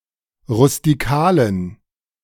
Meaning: inflection of rustikal: 1. strong genitive masculine/neuter singular 2. weak/mixed genitive/dative all-gender singular 3. strong/weak/mixed accusative masculine singular 4. strong dative plural
- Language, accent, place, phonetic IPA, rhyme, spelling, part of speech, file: German, Germany, Berlin, [ʁʊstiˈkaːlən], -aːlən, rustikalen, adjective, De-rustikalen.ogg